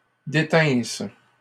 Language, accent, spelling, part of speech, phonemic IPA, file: French, Canada, détinssent, verb, /de.tɛ̃s/, LL-Q150 (fra)-détinssent.wav
- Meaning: third-person plural imperfect subjunctive of détenir